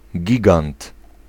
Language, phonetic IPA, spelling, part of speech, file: Polish, [ˈɟiɡãnt], gigant, noun, Pl-gigant.ogg